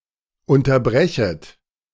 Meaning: second-person plural subjunctive I of unterbrechen
- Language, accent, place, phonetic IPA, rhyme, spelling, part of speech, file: German, Germany, Berlin, [ˌʊntɐˈbʁɛçət], -ɛçət, unterbrechet, verb, De-unterbrechet.ogg